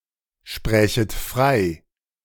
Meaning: second-person plural subjunctive II of freisprechen
- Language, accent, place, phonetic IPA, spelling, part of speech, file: German, Germany, Berlin, [ˌʃpʁɛːçət ˈfʁaɪ̯], sprächet frei, verb, De-sprächet frei.ogg